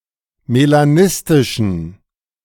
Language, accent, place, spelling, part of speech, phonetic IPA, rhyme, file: German, Germany, Berlin, melanistischen, adjective, [melaˈnɪstɪʃn̩], -ɪstɪʃn̩, De-melanistischen.ogg
- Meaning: inflection of melanistisch: 1. strong genitive masculine/neuter singular 2. weak/mixed genitive/dative all-gender singular 3. strong/weak/mixed accusative masculine singular 4. strong dative plural